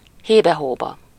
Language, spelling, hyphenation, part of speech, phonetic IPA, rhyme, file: Hungarian, hébe-hóba, hé‧be-‧hó‧ba, adverb, [ˈheːbɛhoːbɒ], -bɒ, Hu-hébe-hóba.ogg
- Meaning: every now and then, every once in a while, sometimes (very seldom)